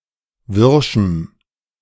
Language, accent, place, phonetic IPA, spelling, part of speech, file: German, Germany, Berlin, [ˈvɪʁʃm̩], wirschem, adjective, De-wirschem.ogg
- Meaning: strong dative masculine/neuter singular of wirsch